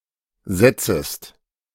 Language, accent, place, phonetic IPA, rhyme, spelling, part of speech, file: German, Germany, Berlin, [ˈzɛt͡səst], -ɛt͡səst, setzest, verb, De-setzest.ogg
- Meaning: second-person singular subjunctive I of setzen